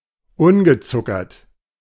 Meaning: unsugared, unsweetened
- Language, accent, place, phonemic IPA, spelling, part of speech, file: German, Germany, Berlin, /ˈʊnɡəˌt͡sʊkɐt/, ungezuckert, adjective, De-ungezuckert.ogg